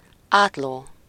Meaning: diagonal (a line joining non-adjacent vertices of a polygon)
- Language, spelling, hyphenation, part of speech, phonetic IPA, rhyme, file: Hungarian, átló, át‧ló, noun, [ˈaːtloː], -loː, Hu-átló.ogg